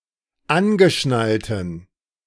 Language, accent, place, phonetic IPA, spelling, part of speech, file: German, Germany, Berlin, [ˈanɡəˌʃnaltn̩], angeschnallten, adjective, De-angeschnallten.ogg
- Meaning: inflection of angeschnallt: 1. strong genitive masculine/neuter singular 2. weak/mixed genitive/dative all-gender singular 3. strong/weak/mixed accusative masculine singular 4. strong dative plural